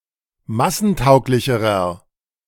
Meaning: inflection of massentauglich: 1. strong/mixed nominative masculine singular comparative degree 2. strong genitive/dative feminine singular comparative degree
- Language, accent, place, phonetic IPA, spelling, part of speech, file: German, Germany, Berlin, [ˈmasn̩ˌtaʊ̯klɪçəʁɐ], massentauglicherer, adjective, De-massentauglicherer.ogg